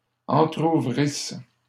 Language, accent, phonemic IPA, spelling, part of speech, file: French, Canada, /ɑ̃.tʁu.vʁis/, entrouvrisses, verb, LL-Q150 (fra)-entrouvrisses.wav
- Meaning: second-person singular imperfect subjunctive of entrouvrir